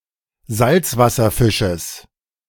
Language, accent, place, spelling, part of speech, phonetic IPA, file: German, Germany, Berlin, Salzwasserfisches, noun, [ˈzalt͡svasɐˌfɪʃəs], De-Salzwasserfisches.ogg
- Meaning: genitive singular of Salzwasserfisch